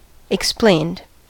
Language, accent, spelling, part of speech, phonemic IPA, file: English, US, explained, verb, /ɪkˈspleɪnd/, En-us-explained.ogg
- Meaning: simple past and past participle of explain